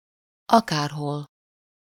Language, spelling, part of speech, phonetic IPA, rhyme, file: Hungarian, akárhol, adverb, [ˈɒkaːrɦol], -ol, Hu-akárhol.ogg
- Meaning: 1. anywhere 2. wherever